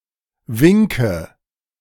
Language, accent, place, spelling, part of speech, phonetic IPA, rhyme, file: German, Germany, Berlin, Winke, noun, [ˈvɪŋkə], -ɪŋkə, De-Winke.ogg
- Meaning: nominative/accusative/genitive plural of Wink